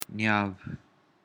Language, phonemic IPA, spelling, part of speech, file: Pashto, /njɑʊ/, نياو, noun, Nyaw.ogg
- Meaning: justice